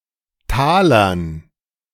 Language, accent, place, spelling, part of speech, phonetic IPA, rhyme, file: German, Germany, Berlin, Talern, noun, [ˈtaːlɐn], -aːlɐn, De-Talern.ogg
- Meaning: dative plural of Taler